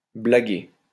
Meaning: to joke, to joke about
- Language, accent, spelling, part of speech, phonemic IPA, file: French, France, blaguer, verb, /bla.ɡe/, LL-Q150 (fra)-blaguer.wav